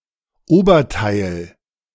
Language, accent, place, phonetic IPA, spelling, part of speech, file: German, Germany, Berlin, [ˈoːbɐˌtaɪ̯l], Oberteil, noun, De-Oberteil.ogg
- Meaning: 1. upper part of something 2. top